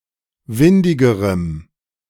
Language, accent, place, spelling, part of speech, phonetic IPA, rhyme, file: German, Germany, Berlin, windigerem, adjective, [ˈvɪndɪɡəʁəm], -ɪndɪɡəʁəm, De-windigerem.ogg
- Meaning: strong dative masculine/neuter singular comparative degree of windig